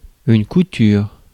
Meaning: 1. sewing 2. dressmaking 3. seam 4. stitches 5. scar
- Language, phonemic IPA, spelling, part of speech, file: French, /ku.tyʁ/, couture, noun, Fr-couture.ogg